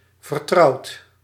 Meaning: inflection of vertrouwen: 1. second/third-person singular present indicative 2. plural imperative
- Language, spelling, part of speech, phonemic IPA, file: Dutch, vertrouwt, verb, /vərˈtrɑut/, Nl-vertrouwt.ogg